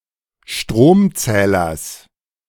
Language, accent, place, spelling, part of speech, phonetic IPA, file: German, Germany, Berlin, Stromzählers, noun, [ˈʃtʁoːmˌt͡sɛːlɐs], De-Stromzählers.ogg
- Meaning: genitive singular of Stromzähler